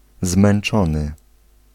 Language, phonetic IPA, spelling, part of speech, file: Polish, [zmɛ̃n͇ˈt͡ʃɔ̃nɨ], zmęczony, verb, Pl-zmęczony.ogg